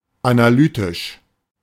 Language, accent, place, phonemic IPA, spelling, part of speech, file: German, Germany, Berlin, /ˌanaˈlyːtɪʃ/, analytisch, adjective, De-analytisch.ogg
- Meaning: analytical, analytic